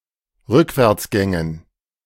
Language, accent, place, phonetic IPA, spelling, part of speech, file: German, Germany, Berlin, [ˈʁʏkvɛʁt͡sˌɡɛŋən], Rückwärtsgängen, noun, De-Rückwärtsgängen.ogg
- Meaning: dative plural of Rückwärtsgang